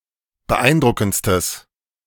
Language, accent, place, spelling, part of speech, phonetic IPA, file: German, Germany, Berlin, beeindruckendstes, adjective, [bəˈʔaɪ̯nˌdʁʊkn̩t͡stəs], De-beeindruckendstes.ogg
- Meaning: strong/mixed nominative/accusative neuter singular superlative degree of beeindruckend